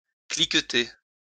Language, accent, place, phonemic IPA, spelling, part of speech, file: French, France, Lyon, /klik.te/, cliqueter, verb, LL-Q150 (fra)-cliqueter.wav
- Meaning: to jingle, rattle, clink